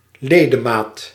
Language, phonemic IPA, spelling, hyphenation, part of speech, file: Dutch, /ˈleː.dəˌmaːt/, ledemaat, le‧de‧maat, noun, Nl-ledemaat.ogg
- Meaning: limb